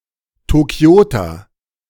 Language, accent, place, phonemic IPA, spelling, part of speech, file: German, Germany, Berlin, /toˈki̯oːtɐ/, Tokioter, noun / adjective, De-Tokioter.ogg
- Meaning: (noun) Tokyoite (native or inhabitant of Tokyo); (adjective) of Tokyo; Tokyoite